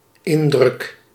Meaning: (noun) impression; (verb) first-person singular dependent-clause present indicative of indrukken
- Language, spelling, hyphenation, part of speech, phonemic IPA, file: Dutch, indruk, in‧druk, noun / verb, /ˈɪn.drʏk/, Nl-indruk.ogg